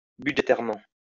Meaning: budgetarily
- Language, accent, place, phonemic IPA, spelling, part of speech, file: French, France, Lyon, /by.dʒe.tɛʁ.mɑ̃/, budgétairement, adverb, LL-Q150 (fra)-budgétairement.wav